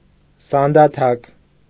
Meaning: pestle
- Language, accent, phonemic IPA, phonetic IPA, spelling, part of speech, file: Armenian, Eastern Armenian, /sɑndɑˈtʰɑk/, [sɑndɑtʰɑ́k], սանդաթակ, noun, Hy-սանդաթակ.ogg